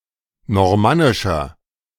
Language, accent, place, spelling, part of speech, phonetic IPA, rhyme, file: German, Germany, Berlin, normannischer, adjective, [nɔʁˈmanɪʃɐ], -anɪʃɐ, De-normannischer.ogg
- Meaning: inflection of normannisch: 1. strong/mixed nominative masculine singular 2. strong genitive/dative feminine singular 3. strong genitive plural